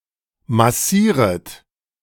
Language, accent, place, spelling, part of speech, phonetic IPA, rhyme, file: German, Germany, Berlin, massieret, verb, [maˈsiːʁət], -iːʁət, De-massieret.ogg
- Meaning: second-person plural subjunctive I of massieren